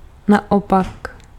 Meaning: the other way around, vice versa, conversely
- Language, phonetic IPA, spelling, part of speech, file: Czech, [ˈnaopak], naopak, adverb, Cs-naopak.ogg